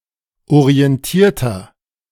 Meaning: inflection of orientiert: 1. strong/mixed nominative masculine singular 2. strong genitive/dative feminine singular 3. strong genitive plural
- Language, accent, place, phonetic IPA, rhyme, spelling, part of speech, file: German, Germany, Berlin, [oʁiɛnˈtiːɐ̯tɐ], -iːɐ̯tɐ, orientierter, adjective, De-orientierter.ogg